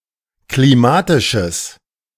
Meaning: strong/mixed nominative/accusative neuter singular of klimatisch
- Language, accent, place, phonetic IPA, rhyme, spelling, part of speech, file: German, Germany, Berlin, [kliˈmaːtɪʃəs], -aːtɪʃəs, klimatisches, adjective, De-klimatisches.ogg